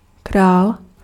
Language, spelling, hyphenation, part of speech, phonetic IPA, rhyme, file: Czech, král, král, noun, [ˈkraːl], -aːl, Cs-král.ogg
- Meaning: 1. king (male ruler) 2. king (chess figure) 3. king (playing card)